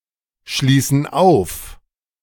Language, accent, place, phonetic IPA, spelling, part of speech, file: German, Germany, Berlin, [ˌʃliːsn̩ ˈaʊ̯f], schließen auf, verb, De-schließen auf.ogg
- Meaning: inflection of aufschließen: 1. first/third-person plural present 2. first/third-person plural subjunctive I